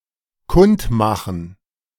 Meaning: to announce, make known
- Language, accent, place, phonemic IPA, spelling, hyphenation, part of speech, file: German, Germany, Berlin, /ˈkʊntˌmaxən/, kundmachen, kund‧ma‧chen, verb, De-kundmachen.ogg